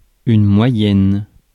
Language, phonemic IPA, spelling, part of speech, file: French, /mwa.jɛn/, moyenne, noun / adjective, Fr-moyenne.ogg
- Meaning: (noun) average, mean; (adjective) feminine singular of moyen